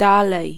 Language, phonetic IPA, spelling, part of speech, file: Polish, [ˈdalɛj], dalej, adverb / interjection / verb, Pl-dalej.ogg